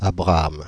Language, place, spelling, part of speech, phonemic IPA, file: French, Paris, Abraham, proper noun, /a.bʁa.am/, Fr-Abraham.oga
- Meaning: 1. a male given name, equivalent to English Abraham 2. Abraham